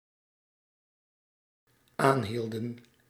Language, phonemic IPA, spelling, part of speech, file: Dutch, /ˈanhildə(n)/, aanhielden, verb, Nl-aanhielden.ogg
- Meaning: inflection of aanhouden: 1. plural dependent-clause past indicative 2. plural dependent-clause past subjunctive